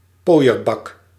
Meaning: a pimpmobile, a pimped up car
- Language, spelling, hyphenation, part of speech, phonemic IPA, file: Dutch, pooierbak, pooi‧er‧bak, noun, /ˈpoːi̯ərˌbɑk/, Nl-pooierbak.ogg